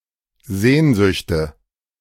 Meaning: nominative/genitive/accusative plural of Sehnsucht
- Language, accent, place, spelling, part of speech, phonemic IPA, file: German, Germany, Berlin, Sehnsüchte, noun, /ˈzeːnzʏçtə/, De-Sehnsüchte.ogg